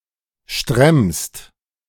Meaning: second-person singular present of stremmen
- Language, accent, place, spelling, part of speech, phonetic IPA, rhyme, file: German, Germany, Berlin, stremmst, verb, [ʃtʁɛmst], -ɛmst, De-stremmst.ogg